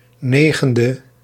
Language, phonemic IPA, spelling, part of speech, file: Dutch, /ˈneɣəndə/, 9e, adjective, Nl-9e.ogg
- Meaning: abbreviation of negende (“ninth”); 9th